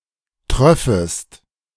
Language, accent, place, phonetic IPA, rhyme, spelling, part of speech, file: German, Germany, Berlin, [ˈtʁœfəst], -œfəst, tröffest, verb, De-tröffest.ogg
- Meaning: second-person singular subjunctive II of triefen